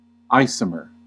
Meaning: Any of two or more compounds with the same molecular formula but with different structure
- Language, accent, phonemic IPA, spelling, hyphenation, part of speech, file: English, US, /ˈaɪ.sə.mɚ/, isomer, i‧so‧mer, noun, En-us-isomer.ogg